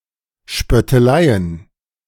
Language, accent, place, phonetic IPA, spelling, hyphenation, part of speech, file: German, Germany, Berlin, [ʃpœtəˈlaɪ̯ən], Spötteleien, Spöt‧te‧lei‧en, noun, De-Spötteleien.ogg
- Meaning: plural of Spöttelei